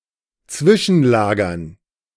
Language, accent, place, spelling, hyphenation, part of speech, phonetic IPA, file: German, Germany, Berlin, Zwischenlagern, Zwi‧schen‧la‧gern, noun, [ˈt͡svɪʃn̩ˌlaːɡɐn], De-Zwischenlagern.ogg
- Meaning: 1. gerund of zwischenlagern 2. dative plural of Zwischenlager